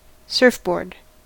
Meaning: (noun) A shaped waterproof plank, usually made of wood or foam and reinforced plastic, used to surf on waves; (verb) To use a surfboard; to surf
- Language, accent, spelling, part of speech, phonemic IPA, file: English, US, surfboard, noun / verb, /ˈsɝfˌbɔɹd/, En-us-surfboard.ogg